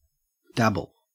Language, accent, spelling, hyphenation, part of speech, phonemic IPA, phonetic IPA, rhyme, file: English, Australia, dabble, dab‧ble, verb / noun, /ˈdæb.əl/, [ˈdæb.l̩], -æbəl, En-au-dabble.ogg
- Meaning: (verb) To make slightly wet or soiled by spattering or sprinkling a liquid (such as water, mud, or paint) on it; to bedabble